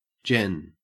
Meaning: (noun) 1. Information 2. Information about the location of a bird 3. Fan fiction that does not specifically focus on romance or sex; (adjective) general
- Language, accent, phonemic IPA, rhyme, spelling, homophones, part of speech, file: English, Australia, /d͡ʒɛn/, -ɛn, gen, Jen / Gen, noun / adjective / verb / adverb, En-au-gen.ogg